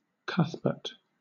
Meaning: 1. A male given name from Old English 2. A surname 3. A place name: A city, the county seat of Randolph County, Georgia, United States, named after John Alfred Cuthbert
- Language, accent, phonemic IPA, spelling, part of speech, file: English, Southern England, /ˈkʌθ.bɜːɹt/, Cuthbert, proper noun, LL-Q1860 (eng)-Cuthbert.wav